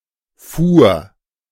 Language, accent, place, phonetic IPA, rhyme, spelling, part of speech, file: German, Germany, Berlin, [fuːɐ̯], -uːɐ̯, fuhr, verb, De-fuhr.ogg
- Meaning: first/third-person singular preterite of fahren